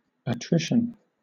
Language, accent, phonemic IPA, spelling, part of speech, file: English, Southern England, /əˈtɹɪʃn̩/, attrition, noun / verb, LL-Q1860 (eng)-attrition.wav
- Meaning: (noun) 1. Grinding down or wearing away by friction 2. Grinding down or wearing away by friction.: The wearing of teeth due to their grinding 3. A gradual reduction in number